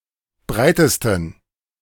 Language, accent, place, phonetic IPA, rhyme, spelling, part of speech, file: German, Germany, Berlin, [ˈbʁaɪ̯təstn̩], -aɪ̯təstn̩, breitesten, adjective, De-breitesten.ogg
- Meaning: 1. superlative degree of breit 2. inflection of breit: strong genitive masculine/neuter singular superlative degree